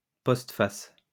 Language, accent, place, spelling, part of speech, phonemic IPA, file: French, France, Lyon, postface, noun, /pɔst.fas/, LL-Q150 (fra)-postface.wav
- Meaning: postface, postscript at the end of a book